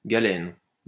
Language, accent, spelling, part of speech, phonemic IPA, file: French, France, galène, noun, /ɡa.lɛn/, LL-Q150 (fra)-galène.wav
- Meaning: galena